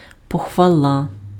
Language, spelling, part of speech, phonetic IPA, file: Ukrainian, похвала, noun, [pɔxʋɐˈɫa], Uk-похвала.ogg
- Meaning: 1. praise 2. glory, pride 3. the fifth Saturday of Lent